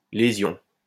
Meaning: lesion
- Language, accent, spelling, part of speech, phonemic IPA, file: French, France, lésion, noun, /le.zjɔ̃/, LL-Q150 (fra)-lésion.wav